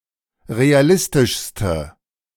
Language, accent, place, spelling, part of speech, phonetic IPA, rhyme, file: German, Germany, Berlin, realistischste, adjective, [ʁeaˈlɪstɪʃstə], -ɪstɪʃstə, De-realistischste.ogg
- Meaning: inflection of realistisch: 1. strong/mixed nominative/accusative feminine singular superlative degree 2. strong nominative/accusative plural superlative degree